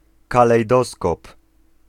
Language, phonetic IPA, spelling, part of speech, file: Polish, [ˌkalɛjˈdɔskɔp], kalejdoskop, noun, Pl-kalejdoskop.ogg